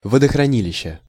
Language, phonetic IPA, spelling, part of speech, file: Russian, [vədəxrɐˈnʲilʲɪɕːə], водохранилища, noun, Ru-водохранилища.ogg
- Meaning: inflection of водохрани́лище (vodoxranílišče): 1. genitive singular 2. nominative/accusative plural